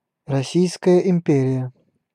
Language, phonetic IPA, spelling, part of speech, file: Russian, [rɐˈsʲijskəjə ɪm⁽ʲ⁾ˈpʲerʲɪjə], Российская империя, proper noun, Ru-Российская империя.ogg
- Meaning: Russian Empire (a former empire in Eastern Europe and Asia)